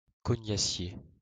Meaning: quince (tree)
- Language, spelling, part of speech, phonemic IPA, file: French, cognassier, noun, /kɔ.ɲa.sje/, LL-Q150 (fra)-cognassier.wav